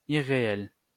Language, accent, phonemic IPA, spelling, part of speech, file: French, France, /i.ʁe.ɛl/, irréel, adjective, LL-Q150 (fra)-irréel.wav
- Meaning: unreal